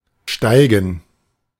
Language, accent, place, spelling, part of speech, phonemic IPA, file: German, Germany, Berlin, steigen, verb, /ˈʃtaɪ̯ɡən/, De-steigen.ogg
- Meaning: 1. to ascend, to climb, to rise 2. to rise (in value, of commodities etc.) 3. to enter, to step (into a large vehicle) 4. to begin, commence 5. to rear up